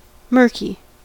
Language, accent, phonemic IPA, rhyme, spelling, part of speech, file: English, US, /ˈmɜː(ɹ)ki/, -ɜː(ɹ)ki, murky, adjective, En-us-murky.ogg
- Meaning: 1. Hard to see through, as a fog or mist 2. Dark, dim, gloomy 3. Cloudy, indistinct, obscure 4. Dishonest, shady